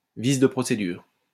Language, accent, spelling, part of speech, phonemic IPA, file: French, France, vice de procédure, noun, /vis də pʁɔ.se.dyʁ/, LL-Q150 (fra)-vice de procédure.wav
- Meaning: formal defect, irregularity, technical flaw, procedural error, breach of procedure